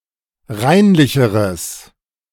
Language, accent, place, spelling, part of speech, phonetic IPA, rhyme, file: German, Germany, Berlin, reinlicheres, adjective, [ˈʁaɪ̯nlɪçəʁəs], -aɪ̯nlɪçəʁəs, De-reinlicheres.ogg
- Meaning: strong/mixed nominative/accusative neuter singular comparative degree of reinlich